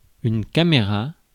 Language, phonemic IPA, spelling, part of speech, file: French, /ka.me.ʁa/, caméra, noun, Fr-caméra.ogg
- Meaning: 1. video camera 2. camera (for still photos)